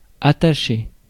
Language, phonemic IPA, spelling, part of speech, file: French, /a.ta.ʃe/, attaché, adjective / noun / verb, Fr-attaché.ogg
- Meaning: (adjective) attached, attached to, bound, committed, connected, devoted, fastened, fixed, joined-up, secured, strapped, tethered, tie-on, tied, wired